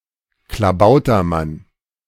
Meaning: Klabautermann (a two-faced goblin believed to be both helpful and inauspicious to a ship's crew)
- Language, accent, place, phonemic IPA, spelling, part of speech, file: German, Germany, Berlin, /klaˈbaʊ̯tɐˌman/, Klabautermann, noun, De-Klabautermann.ogg